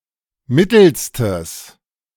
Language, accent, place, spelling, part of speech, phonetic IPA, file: German, Germany, Berlin, mittelstes, adjective, [ˈmɪtl̩stəs], De-mittelstes.ogg
- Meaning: strong/mixed nominative/accusative neuter singular superlative degree of mittel